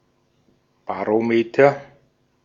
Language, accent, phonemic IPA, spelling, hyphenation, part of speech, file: German, Austria, /baʁoˈmeːtɐ/, Barometer, Ba‧ro‧me‧ter, noun, De-at-Barometer.ogg
- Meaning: barometer (instrument for measuring atmospheric pressure)